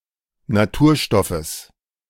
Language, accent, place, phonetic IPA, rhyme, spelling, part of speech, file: German, Germany, Berlin, [naˈtuːɐ̯ˌʃtɔfəs], -uːɐ̯ʃtɔfəs, Naturstoffes, noun, De-Naturstoffes.ogg
- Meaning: genitive singular of Naturstoff